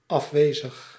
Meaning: 1. absent 2. absent-minded
- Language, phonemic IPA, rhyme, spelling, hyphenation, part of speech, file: Dutch, /ˌɑfˈʋeː.zəx/, -eːzəx, afwezig, af‧we‧zig, adjective, Nl-afwezig.ogg